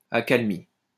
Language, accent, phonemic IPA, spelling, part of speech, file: French, France, /a.kal.mi/, accalmie, noun / verb, LL-Q150 (fra)-accalmie.wav
- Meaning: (noun) 1. lull 2. reprieve (period of calm); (verb) feminine singular of accalmi